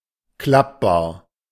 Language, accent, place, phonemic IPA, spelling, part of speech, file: German, Germany, Berlin, /ˈklapbaːɐ̯/, klappbar, adjective, De-klappbar.ogg
- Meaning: foldable, collapsible